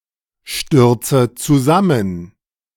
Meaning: inflection of zusammenstürzen: 1. first-person singular present 2. first/third-person singular subjunctive I 3. singular imperative
- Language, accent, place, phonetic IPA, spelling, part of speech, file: German, Germany, Berlin, [ˌʃtʏʁt͡sə t͡suˈzamən], stürze zusammen, verb, De-stürze zusammen.ogg